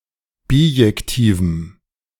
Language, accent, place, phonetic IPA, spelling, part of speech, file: German, Germany, Berlin, [ˈbiːjɛktiːvm̩], bijektivem, adjective, De-bijektivem.ogg
- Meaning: strong dative masculine/neuter singular of bijektiv